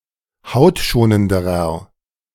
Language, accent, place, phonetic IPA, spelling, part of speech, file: German, Germany, Berlin, [ˈhaʊ̯tˌʃoːnəndəʁɐ], hautschonenderer, adjective, De-hautschonenderer.ogg
- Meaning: inflection of hautschonend: 1. strong/mixed nominative masculine singular comparative degree 2. strong genitive/dative feminine singular comparative degree 3. strong genitive plural comparative degree